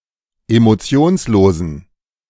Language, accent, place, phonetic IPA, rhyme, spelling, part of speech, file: German, Germany, Berlin, [emoˈt͡si̯oːnsˌloːzn̩], -oːnsloːzn̩, emotionslosen, adjective, De-emotionslosen.ogg
- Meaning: inflection of emotionslos: 1. strong genitive masculine/neuter singular 2. weak/mixed genitive/dative all-gender singular 3. strong/weak/mixed accusative masculine singular 4. strong dative plural